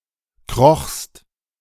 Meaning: second-person singular preterite of kriechen
- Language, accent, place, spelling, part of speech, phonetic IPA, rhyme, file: German, Germany, Berlin, krochst, verb, [kʁɔxst], -ɔxst, De-krochst.ogg